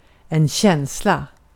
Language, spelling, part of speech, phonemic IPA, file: Swedish, känsla, noun, /ˈɕɛnsˌla/, Sv-känsla.ogg
- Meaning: 1. feeling 2. feeling: emotion 3. feeling: (romantic) feelings 4. feeling: feel, sense (idea) 5. feeling: sense, feel (feeling for, skill)